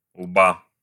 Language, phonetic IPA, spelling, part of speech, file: Russian, [ɫba], лба, noun, Ru-лба.ogg
- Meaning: genitive singular of лоб (lob)